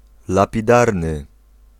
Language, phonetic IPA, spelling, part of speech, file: Polish, [ˌlapʲiˈdarnɨ], lapidarny, adjective, Pl-lapidarny.ogg